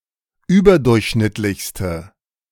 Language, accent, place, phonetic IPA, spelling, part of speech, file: German, Germany, Berlin, [ˈyːbɐˌdʊʁçʃnɪtlɪçstə], überdurchschnittlichste, adjective, De-überdurchschnittlichste.ogg
- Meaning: inflection of überdurchschnittlich: 1. strong/mixed nominative/accusative feminine singular superlative degree 2. strong nominative/accusative plural superlative degree